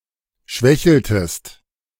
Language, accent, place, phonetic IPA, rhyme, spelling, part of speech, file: German, Germany, Berlin, [ˈʃvɛçl̩təst], -ɛçl̩təst, schwächeltest, verb, De-schwächeltest.ogg
- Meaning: inflection of schwächeln: 1. second-person singular preterite 2. second-person singular subjunctive II